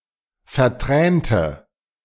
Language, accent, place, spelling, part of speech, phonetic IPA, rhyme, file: German, Germany, Berlin, vertränte, adjective, [fɛɐ̯ˈtʁɛːntə], -ɛːntə, De-vertränte.ogg
- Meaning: inflection of vertränt: 1. strong/mixed nominative/accusative feminine singular 2. strong nominative/accusative plural 3. weak nominative all-gender singular